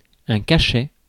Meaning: 1. seal 2. pill 3. cachet 4. salary (for performers)
- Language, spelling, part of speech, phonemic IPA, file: French, cachet, noun, /ka.ʃɛ/, Fr-cachet.ogg